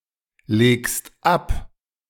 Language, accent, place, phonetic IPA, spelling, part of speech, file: German, Germany, Berlin, [ˌleːkst ˈap], legst ab, verb, De-legst ab.ogg
- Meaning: second-person singular present of ablegen